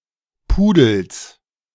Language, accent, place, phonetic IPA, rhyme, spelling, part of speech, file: German, Germany, Berlin, [ˈpuːdl̩s], -uːdl̩s, Pudels, noun, De-Pudels.ogg
- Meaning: genitive singular of Pudel